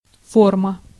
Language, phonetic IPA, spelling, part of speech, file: Russian, [ˈformə], форма, noun, Ru-форма.ogg
- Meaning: 1. form, shape 2. form (document to be filled) 3. form, structure, frame 4. model 5. mold 6. uniform (military, sports)